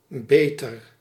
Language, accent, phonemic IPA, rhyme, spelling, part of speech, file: Dutch, Netherlands, /ˈbeːtər/, -eːtər, beter, adjective / verb, Nl-beter.ogg
- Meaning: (adjective) 1. comparative degree of goed; better 2. not sick anymore; recovered (from a disease) 3. of high quality; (verb) inflection of beteren: first-person singular present indicative